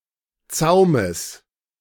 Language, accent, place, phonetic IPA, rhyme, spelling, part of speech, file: German, Germany, Berlin, [ˈt͡saʊ̯məs], -aʊ̯məs, Zaumes, noun, De-Zaumes.ogg
- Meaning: genitive singular of Zaum